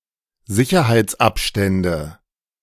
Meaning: nominative/accusative/genitive plural of Sicherheitsabstand
- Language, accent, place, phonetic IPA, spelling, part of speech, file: German, Germany, Berlin, [ˈzɪçɐhaɪ̯t͡sˌʔapʃtɛndə], Sicherheitsabstände, noun, De-Sicherheitsabstände.ogg